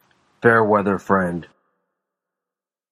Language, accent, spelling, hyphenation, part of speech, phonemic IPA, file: English, General American, fair-weather friend, fair-wea‧ther friend, noun, /ˈfɛɚˌwɛðɚ ˈfɹɛnd/, En-us-fair-weather friend.flac
- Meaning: One who is friendly, helpful, or available only when it is advantageous or convenient to be so